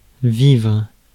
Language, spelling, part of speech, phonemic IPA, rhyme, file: French, vivre, verb, /vivʁ/, -ivʁ, Fr-vivre.ogg
- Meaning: 1. to live 2. to experience